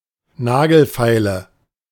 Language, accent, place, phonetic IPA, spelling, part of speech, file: German, Germany, Berlin, [ˈnaːɡl̩ˌfaɪ̯lə], Nagelfeile, noun, De-Nagelfeile.ogg
- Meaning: nail file